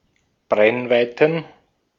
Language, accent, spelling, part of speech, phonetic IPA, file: German, Austria, Brennweiten, noun, [ˈbʁɛnˌvaɪ̯tn̩], De-at-Brennweiten.ogg
- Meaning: plural of Brennweite